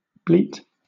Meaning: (noun) The characteristic cry of a sheep or a goat; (verb) 1. Of a sheep, goat, or calf: to make its characteristic cry; of a human, to mimic this sound 2. Of a person, to complain
- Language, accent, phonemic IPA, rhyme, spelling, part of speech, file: English, Southern England, /ˈbliːt/, -iːt, bleat, noun / verb, LL-Q1860 (eng)-bleat.wav